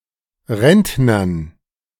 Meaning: dative plural of Rentner
- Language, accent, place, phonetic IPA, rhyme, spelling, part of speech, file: German, Germany, Berlin, [ˈʁɛntnɐn], -ɛntnɐn, Rentnern, noun, De-Rentnern.ogg